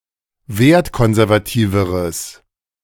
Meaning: strong/mixed nominative/accusative neuter singular comparative degree of wertkonservativ
- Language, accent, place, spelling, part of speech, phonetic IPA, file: German, Germany, Berlin, wertkonservativeres, adjective, [ˈveːɐ̯tˌkɔnzɛʁvaˌtiːvəʁəs], De-wertkonservativeres.ogg